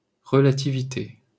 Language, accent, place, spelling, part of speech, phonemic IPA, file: French, France, Paris, relativité, noun, /ʁə.la.ti.vi.te/, LL-Q150 (fra)-relativité.wav
- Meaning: 1. relativity (quality of what is relative, state of being relative) 2. relativity